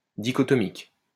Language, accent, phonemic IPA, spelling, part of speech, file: French, France, /di.kɔ.tɔ.mik/, dichotomique, adjective, LL-Q150 (fra)-dichotomique.wav
- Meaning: dichotomous